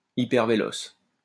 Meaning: 1. hyperfast 2. hypersonic
- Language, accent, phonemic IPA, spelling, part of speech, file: French, France, /i.pɛʁ.ve.lɔs/, hypervéloce, adjective, LL-Q150 (fra)-hypervéloce.wav